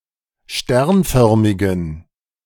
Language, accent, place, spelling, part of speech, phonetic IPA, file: German, Germany, Berlin, sternförmigen, adjective, [ˈʃtɛʁnˌfœʁmɪɡn̩], De-sternförmigen.ogg
- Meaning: inflection of sternförmig: 1. strong genitive masculine/neuter singular 2. weak/mixed genitive/dative all-gender singular 3. strong/weak/mixed accusative masculine singular 4. strong dative plural